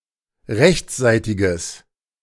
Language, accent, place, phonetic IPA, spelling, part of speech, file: German, Germany, Berlin, [ˈʁɛçt͡sˌzaɪ̯tɪɡəs], rechtsseitiges, adjective, De-rechtsseitiges.ogg
- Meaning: strong/mixed nominative/accusative neuter singular of rechtsseitig